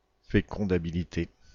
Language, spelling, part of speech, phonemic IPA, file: French, fécondabilité, noun, /fe.kɔ̃.da.bi.li.te/, Fr-fécondabilité.ogg
- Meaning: fecundability